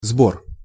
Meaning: 1. collection, accumulation, gathering, harvest, picking 2. levy, tax, duty, receipts 3. muster, assembly 4. assembly, meeting, get-together
- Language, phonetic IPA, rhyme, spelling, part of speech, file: Russian, [zbor], -or, сбор, noun, Ru-сбор.ogg